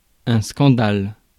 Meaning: scandal
- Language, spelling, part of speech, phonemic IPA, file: French, scandale, noun, /skɑ̃.dal/, Fr-scandale.ogg